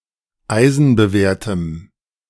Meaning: strong dative masculine/neuter singular of eisenbewehrt
- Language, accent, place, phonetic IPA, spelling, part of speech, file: German, Germany, Berlin, [ˈaɪ̯zn̩bəˌveːɐ̯təm], eisenbewehrtem, adjective, De-eisenbewehrtem.ogg